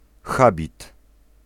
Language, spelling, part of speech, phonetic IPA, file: Polish, habit, noun, [ˈxabʲit], Pl-habit.ogg